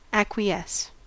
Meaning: To rest satisfied, or apparently satisfied, or to rest without opposition and discontent (usually implying previous opposition or discontent); to accept or consent by silence or by omitting to object
- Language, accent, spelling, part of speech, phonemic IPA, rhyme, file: English, US, acquiesce, verb, /ˌækwiˈɛs/, -ɛs, En-us-acquiesce.ogg